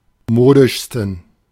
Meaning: 1. superlative degree of modisch 2. inflection of modisch: strong genitive masculine/neuter singular superlative degree
- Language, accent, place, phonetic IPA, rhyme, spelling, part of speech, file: German, Germany, Berlin, [ˈmoːdɪʃstn̩], -oːdɪʃstn̩, modischsten, adjective, De-modischsten.ogg